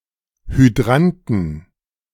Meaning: inflection of Hydrant: 1. genitive/dative/accusative singular 2. nominative/genitive/dative/accusative plural
- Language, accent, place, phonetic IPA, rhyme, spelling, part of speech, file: German, Germany, Berlin, [hyˈdʁantn̩], -antn̩, Hydranten, noun, De-Hydranten.ogg